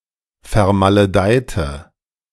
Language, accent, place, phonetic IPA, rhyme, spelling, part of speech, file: German, Germany, Berlin, [fɛɐ̯maləˈdaɪ̯tə], -aɪ̯tə, vermaledeite, adjective / verb, De-vermaledeite.ogg
- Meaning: inflection of vermaledeit: 1. strong/mixed nominative/accusative feminine singular 2. strong nominative/accusative plural 3. weak nominative all-gender singular